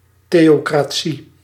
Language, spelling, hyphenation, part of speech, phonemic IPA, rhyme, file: Dutch, theocratie, theo‧cra‧tie, noun, /ˌteː.oː.kraːˈ(t)si/, -i, Nl-theocratie.ogg
- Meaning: theocracy